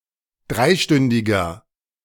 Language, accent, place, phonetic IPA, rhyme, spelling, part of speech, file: German, Germany, Berlin, [ˈdʁaɪ̯ˌʃtʏndɪɡɐ], -aɪ̯ʃtʏndɪɡɐ, dreistündiger, adjective, De-dreistündiger.ogg
- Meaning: inflection of dreistündig: 1. strong/mixed nominative masculine singular 2. strong genitive/dative feminine singular 3. strong genitive plural